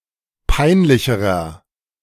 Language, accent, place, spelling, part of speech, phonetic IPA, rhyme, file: German, Germany, Berlin, peinlicherer, adjective, [ˈpaɪ̯nˌlɪçəʁɐ], -aɪ̯nlɪçəʁɐ, De-peinlicherer.ogg
- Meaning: inflection of peinlich: 1. strong/mixed nominative masculine singular comparative degree 2. strong genitive/dative feminine singular comparative degree 3. strong genitive plural comparative degree